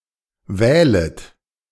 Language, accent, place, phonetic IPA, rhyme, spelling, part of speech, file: German, Germany, Berlin, [ˈvɛːlət], -ɛːlət, wählet, verb, De-wählet.ogg
- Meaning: second-person plural subjunctive I of wählen